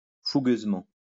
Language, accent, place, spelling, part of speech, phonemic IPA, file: French, France, Lyon, fougueusement, adverb, /fu.ɡøz.mɑ̃/, LL-Q150 (fra)-fougueusement.wav
- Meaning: 1. ardently 2. impetuously